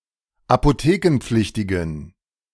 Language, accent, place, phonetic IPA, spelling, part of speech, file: German, Germany, Berlin, [apoˈteːkn̩ˌp͡flɪçtɪɡn̩], apothekenpflichtigen, adjective, De-apothekenpflichtigen.ogg
- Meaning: inflection of apothekenpflichtig: 1. strong genitive masculine/neuter singular 2. weak/mixed genitive/dative all-gender singular 3. strong/weak/mixed accusative masculine singular